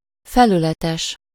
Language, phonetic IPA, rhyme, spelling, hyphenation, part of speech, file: Hungarian, [ˈfɛlylɛtɛʃ], -ɛʃ, felületes, fe‧lü‧le‧tes, adjective, Hu-felületes.ogg
- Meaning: 1. superficial, shallow 2. superficial, cursory (not deep and thorough)